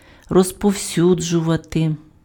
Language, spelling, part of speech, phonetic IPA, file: Ukrainian, розповсюджувати, verb, [rɔzpɔu̯ˈsʲud͡ʒʊʋɐte], Uk-розповсюджувати.ogg
- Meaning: 1. to distribute (:documents) 2. to spread, to disseminate, to circulate, to propagate (:ideas, information, opinions, rumours etc.)